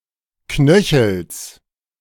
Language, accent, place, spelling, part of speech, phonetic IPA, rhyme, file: German, Germany, Berlin, Knöchels, noun, [ˈknœçl̩s], -œçl̩s, De-Knöchels.ogg
- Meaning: genitive of Knöchel